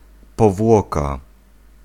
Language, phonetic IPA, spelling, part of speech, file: Polish, [pɔˈvwɔka], powłoka, noun, Pl-powłoka.ogg